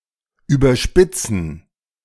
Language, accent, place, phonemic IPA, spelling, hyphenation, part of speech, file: German, Germany, Berlin, /ˌyːbəʁˈʃpɪt͡sən/, überspitzen, ü‧ber‧spit‧zen, verb, De-überspitzen.ogg
- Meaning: to exaggerate